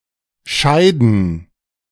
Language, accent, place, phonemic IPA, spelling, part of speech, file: German, Germany, Berlin, /ˈʃaɪ̯dən/, scheiden, verb, De-scheiden2.ogg
- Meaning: 1. to separate 2. to leave one another; to part; to be separated; to be divided 3. to dissolve (a marriage); to divorce (a couple) 4. to have (a marriage) dissolved